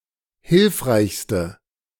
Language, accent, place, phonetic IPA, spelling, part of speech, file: German, Germany, Berlin, [ˈhɪlfʁaɪ̯çstə], hilfreichste, adjective, De-hilfreichste.ogg
- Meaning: inflection of hilfreich: 1. strong/mixed nominative/accusative feminine singular superlative degree 2. strong nominative/accusative plural superlative degree